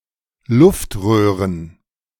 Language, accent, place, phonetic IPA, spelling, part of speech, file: German, Germany, Berlin, [ˈlʊftˌʁøːʁən], Luftröhren, noun, De-Luftröhren.ogg
- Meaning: plural of Luftröhre